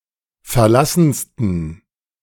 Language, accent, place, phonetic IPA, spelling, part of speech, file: German, Germany, Berlin, [fɛɐ̯ˈlasn̩stən], verlassensten, adjective, De-verlassensten.ogg
- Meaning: 1. superlative degree of verlassen 2. inflection of verlassen: strong genitive masculine/neuter singular superlative degree